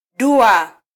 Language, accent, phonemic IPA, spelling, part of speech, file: Swahili, Kenya, /ˈɗu.ɑ/, dua, noun, Sw-ke-dua.flac
- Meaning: incantation, supplication, prayer